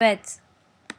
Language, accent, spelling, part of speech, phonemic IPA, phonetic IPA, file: Armenian, Eastern Armenian, վեց, numeral, /vet͡sʰ/, [vet͡sʰ], Vɛtsʰ.ogg
- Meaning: six